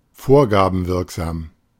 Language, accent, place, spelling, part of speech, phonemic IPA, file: German, Germany, Berlin, vorgabenwirksam, adjective, /ˈfoːɐ̯ɡaːbm̩ˌvɪʁkzaːm/, De-vorgabenwirksam.ogg
- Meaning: of a golf tournament, to be able to change the players' handicap; rated